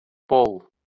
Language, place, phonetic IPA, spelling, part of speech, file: Azerbaijani, Baku, [boɫ], bol, adjective, LL-Q9292 (aze)-bol.wav
- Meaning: abundant